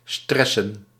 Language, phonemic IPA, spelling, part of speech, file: Dutch, /ˈstrɛ.sə(n)/, stressen, verb, Nl-stressen.ogg
- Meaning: to be stressed